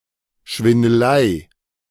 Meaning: swindling
- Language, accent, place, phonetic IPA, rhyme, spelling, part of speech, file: German, Germany, Berlin, [ʃvɪndəˈlaɪ̯], -aɪ̯, Schwindelei, noun, De-Schwindelei.ogg